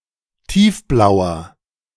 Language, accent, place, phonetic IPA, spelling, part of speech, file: German, Germany, Berlin, [ˈtiːfˌblaʊ̯ɐ], tiefblauer, adjective, De-tiefblauer.ogg
- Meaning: inflection of tiefblau: 1. strong/mixed nominative masculine singular 2. strong genitive/dative feminine singular 3. strong genitive plural